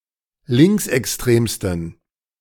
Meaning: 1. superlative degree of linksextrem 2. inflection of linksextrem: strong genitive masculine/neuter singular superlative degree
- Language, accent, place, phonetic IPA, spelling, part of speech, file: German, Germany, Berlin, [ˈlɪŋksʔɛksˌtʁeːmstn̩], linksextremsten, adjective, De-linksextremsten.ogg